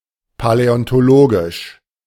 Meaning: paleontological
- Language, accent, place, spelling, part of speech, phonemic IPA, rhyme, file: German, Germany, Berlin, paläontologisch, adjective, /palɛɔntoˈloːɡɪʃ/, -oːɡɪʃ, De-paläontologisch.ogg